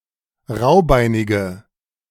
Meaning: inflection of raubeinig: 1. strong/mixed nominative/accusative feminine singular 2. strong nominative/accusative plural 3. weak nominative all-gender singular
- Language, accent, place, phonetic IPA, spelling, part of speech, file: German, Germany, Berlin, [ˈʁaʊ̯ˌbaɪ̯nɪɡə], raubeinige, adjective, De-raubeinige.ogg